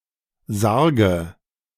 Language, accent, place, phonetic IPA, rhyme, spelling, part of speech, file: German, Germany, Berlin, [ˈzaʁɡə], -aʁɡə, Sarge, noun, De-Sarge.ogg
- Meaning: dative singular of Sarg